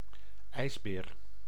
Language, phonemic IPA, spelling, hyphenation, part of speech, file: Dutch, /ˈɛi̯s.beːr/, ijsbeer, ijs‧beer, noun / verb, Nl-ijsbeer.ogg
- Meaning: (noun) polar bear (Ursus maritimus); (verb) inflection of ijsberen: 1. first-person singular present indicative 2. second-person singular present indicative 3. imperative